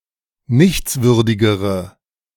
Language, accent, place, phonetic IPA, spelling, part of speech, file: German, Germany, Berlin, [ˈnɪçt͡sˌvʏʁdɪɡəʁə], nichtswürdigere, adjective, De-nichtswürdigere.ogg
- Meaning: inflection of nichtswürdig: 1. strong/mixed nominative/accusative feminine singular comparative degree 2. strong nominative/accusative plural comparative degree